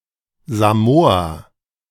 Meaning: Samoa (a country consisting of the western part of the Samoan archipelago in Polynesia, in Oceania)
- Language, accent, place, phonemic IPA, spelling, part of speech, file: German, Germany, Berlin, /zaˈmoːa/, Samoa, proper noun, De-Samoa.ogg